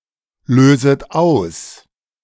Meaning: second-person plural subjunctive I of auslösen
- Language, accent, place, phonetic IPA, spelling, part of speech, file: German, Germany, Berlin, [ˌløːzət ˈaʊ̯s], löset aus, verb, De-löset aus.ogg